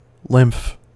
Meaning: 1. Pure water 2. Pure water.: The sap of plants
- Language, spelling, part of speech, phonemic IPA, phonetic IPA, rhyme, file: English, lymph, noun, /lɪmf/, [lɪmpf], -ɪmf, En-us-lymph.ogg